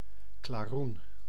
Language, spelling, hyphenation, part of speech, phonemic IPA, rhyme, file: Dutch, klaroen, kla‧roen, noun, /klaːˈrun/, -un, Nl-klaroen.ogg
- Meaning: 1. clarion (trumpet-like instrument) 2. Chinese spinach, red spinach (Amaranthus dubius)